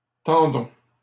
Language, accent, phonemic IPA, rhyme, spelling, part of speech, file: French, Canada, /tɑ̃.dɔ̃/, -ɔ̃, tendon, noun, LL-Q150 (fra)-tendon.wav
- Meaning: tendon